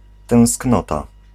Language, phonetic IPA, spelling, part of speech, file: Polish, [tɛ̃w̃sˈknɔta], tęsknota, noun, Pl-tęsknota.ogg